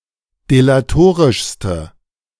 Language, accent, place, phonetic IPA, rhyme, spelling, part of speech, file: German, Germany, Berlin, [delaˈtoːʁɪʃstə], -oːʁɪʃstə, delatorischste, adjective, De-delatorischste.ogg
- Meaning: inflection of delatorisch: 1. strong/mixed nominative/accusative feminine singular superlative degree 2. strong nominative/accusative plural superlative degree